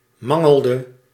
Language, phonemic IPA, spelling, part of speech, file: Dutch, /ˈmɑŋəɫˌdə/, mangelde, verb, Nl-mangelde.ogg
- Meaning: inflection of mangelen: 1. singular past indicative 2. singular past subjunctive